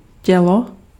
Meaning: 1. body (physical structure of a living human or animal) 2. body (corpse) 3. body (torso) 4. body (largest or most important part of anything) 5. body
- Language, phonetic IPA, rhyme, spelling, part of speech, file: Czech, [ˈcɛlo], -ɛlo, tělo, noun, Cs-tělo.ogg